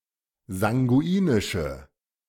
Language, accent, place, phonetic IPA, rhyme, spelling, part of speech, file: German, Germany, Berlin, [zaŋɡuˈiːnɪʃə], -iːnɪʃə, sanguinische, adjective, De-sanguinische.ogg
- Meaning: inflection of sanguinisch: 1. strong/mixed nominative/accusative feminine singular 2. strong nominative/accusative plural 3. weak nominative all-gender singular